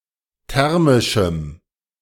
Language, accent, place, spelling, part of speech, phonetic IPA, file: German, Germany, Berlin, thermischem, adjective, [ˈtɛʁmɪʃm̩], De-thermischem.ogg
- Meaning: strong dative masculine/neuter singular of thermisch